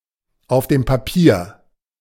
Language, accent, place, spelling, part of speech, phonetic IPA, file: German, Germany, Berlin, auf dem Papier, adverb, [aʊ̯f deːm paˈpiːɐ̯], De-auf dem Papier.ogg
- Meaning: on paper